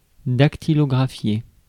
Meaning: to type
- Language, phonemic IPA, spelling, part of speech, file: French, /dak.ti.lɔ.ɡʁa.fje/, dactylographier, verb, Fr-dactylographier.ogg